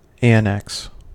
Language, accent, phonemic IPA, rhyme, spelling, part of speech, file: English, US, /ˈænɛks/, -ɛks, annex, noun / verb, En-us-annex.ogg
- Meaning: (noun) 1. An addition, an extension 2. An appendix to a book or document 3. An addition or extension to a building